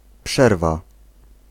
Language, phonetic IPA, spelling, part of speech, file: Polish, [ˈpʃɛrva], przerwa, noun, Pl-przerwa.ogg